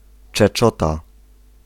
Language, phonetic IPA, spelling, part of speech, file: Polish, [t͡ʃɛˈt͡ʃɔta], czeczota, noun, Pl-czeczota.ogg